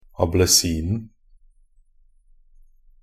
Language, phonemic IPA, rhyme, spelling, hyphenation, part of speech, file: Norwegian Bokmål, /abləˈsiːnn̩/, -iːnn̩, ablesinen, a‧ble‧sin‧en, noun, Nb-ablesinen.ogg
- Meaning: definite singular of ablesin